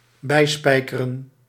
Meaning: to brush up
- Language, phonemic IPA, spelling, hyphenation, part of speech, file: Dutch, /ˈbɛi̯spɛi̯kərə(n)/, bijspijkeren, bij‧spij‧ke‧ren, verb, Nl-bijspijkeren.ogg